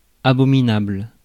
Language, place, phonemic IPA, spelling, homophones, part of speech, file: French, Paris, /a.bɔ.mi.nabl/, abominable, abominables, adjective, Fr-abominable.ogg
- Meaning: 1. absolutely loathsome; abominable 2. Exceedingly bad or ugly; abominable